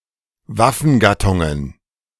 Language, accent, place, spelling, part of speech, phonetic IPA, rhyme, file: German, Germany, Berlin, Waffengattungen, noun, [ˈvafn̩ˌɡatʊŋən], -afn̩ɡatʊŋən, De-Waffengattungen.ogg
- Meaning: plural of Waffengattung